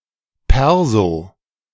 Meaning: clipping of Personalausweis (“ID card”)
- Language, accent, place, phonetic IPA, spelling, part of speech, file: German, Germany, Berlin, [ˈpɛʁzo], Perso, noun, De-Perso.ogg